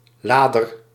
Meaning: 1. one who loads something 2. an electrical charger for a battery
- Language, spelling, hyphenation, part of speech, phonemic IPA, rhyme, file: Dutch, lader, la‧der, noun, /ˈlaː.dər/, -aːdər, Nl-lader.ogg